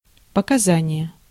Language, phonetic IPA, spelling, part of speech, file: Russian, [pəkɐˈzanʲɪje], показание, noun, Ru-показание.ogg
- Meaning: 1. testimony, evidence, statement 2. indication, reading, readout